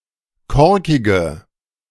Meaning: inflection of korkig: 1. strong/mixed nominative/accusative feminine singular 2. strong nominative/accusative plural 3. weak nominative all-gender singular 4. weak accusative feminine/neuter singular
- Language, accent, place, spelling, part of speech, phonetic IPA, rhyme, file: German, Germany, Berlin, korkige, adjective, [ˈkɔʁkɪɡə], -ɔʁkɪɡə, De-korkige.ogg